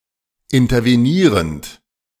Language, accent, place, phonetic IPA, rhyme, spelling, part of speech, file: German, Germany, Berlin, [ɪntɐveˈniːʁənt], -iːʁənt, intervenierend, verb, De-intervenierend.ogg
- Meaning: present participle of intervenieren